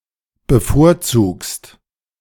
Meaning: second-person singular present of bevorzugen
- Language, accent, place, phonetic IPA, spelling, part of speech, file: German, Germany, Berlin, [bəˈfoːɐ̯ˌt͡suːkst], bevorzugst, verb, De-bevorzugst.ogg